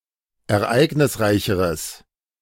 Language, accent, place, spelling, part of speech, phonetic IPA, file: German, Germany, Berlin, ereignisreicheres, adjective, [ɛɐ̯ˈʔaɪ̯ɡnɪsˌʁaɪ̯çəʁəs], De-ereignisreicheres.ogg
- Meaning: strong/mixed nominative/accusative neuter singular comparative degree of ereignisreich